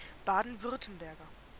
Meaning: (noun) a native or inhabitant of Baden-Württemberg; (adjective) of Baden-Württemberg
- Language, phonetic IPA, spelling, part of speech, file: German, [ˈbaːdn̩ˈvʏʁtəmbɛʁɡɐ], Baden-Württemberger, noun / adjective, De-Baden-Württemberger.ogg